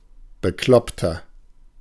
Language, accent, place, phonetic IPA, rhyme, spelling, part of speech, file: German, Germany, Berlin, [bəˈklɔptɐ], -ɔptɐ, bekloppter, adjective, De-bekloppter.ogg
- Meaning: 1. comparative degree of bekloppt 2. inflection of bekloppt: strong/mixed nominative masculine singular 3. inflection of bekloppt: strong genitive/dative feminine singular